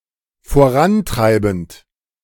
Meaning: present participle of vorantreiben
- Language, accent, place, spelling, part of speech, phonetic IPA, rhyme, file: German, Germany, Berlin, vorantreibend, verb, [foˈʁanˌtʁaɪ̯bn̩t], -antʁaɪ̯bn̩t, De-vorantreibend.ogg